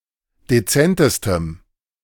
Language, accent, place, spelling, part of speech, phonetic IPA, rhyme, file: German, Germany, Berlin, dezentestem, adjective, [deˈt͡sɛntəstəm], -ɛntəstəm, De-dezentestem.ogg
- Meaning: strong dative masculine/neuter singular superlative degree of dezent